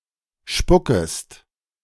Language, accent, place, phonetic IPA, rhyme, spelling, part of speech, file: German, Germany, Berlin, [ˈʃpʊkəst], -ʊkəst, spuckest, verb, De-spuckest.ogg
- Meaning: second-person singular subjunctive I of spucken